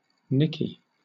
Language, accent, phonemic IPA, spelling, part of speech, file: English, Southern England, /ˈnɪki/, Nicky, proper noun, LL-Q1860 (eng)-Nicky.wav
- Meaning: 1. A diminutive of the female given names Nicola, Nichola, Nicole, and Nichole 2. A diminutive of the male given name Nicholas